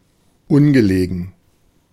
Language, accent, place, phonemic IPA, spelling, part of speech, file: German, Germany, Berlin, /ˈʊnɡəˌleːɡn̩/, ungelegen, adjective, De-ungelegen.ogg
- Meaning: inconvenient, inopportune